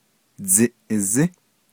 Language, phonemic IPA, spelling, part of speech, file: Navajo, /t͡sɪ̀ʔɪ̀zɪ́/, dziʼizí, noun, Nv-dziʼizí.ogg
- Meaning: bicycle, bike